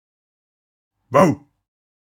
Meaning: woof (sound of a dog)
- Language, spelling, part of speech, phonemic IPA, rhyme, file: German, wau, interjection, /vaʊ̯/, -aʊ̯, De-wau.ogg